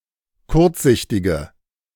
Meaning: inflection of kurzsichtig: 1. strong/mixed nominative/accusative feminine singular 2. strong nominative/accusative plural 3. weak nominative all-gender singular
- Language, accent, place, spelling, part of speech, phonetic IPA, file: German, Germany, Berlin, kurzsichtige, adjective, [ˈkʊʁt͡sˌzɪçtɪɡə], De-kurzsichtige.ogg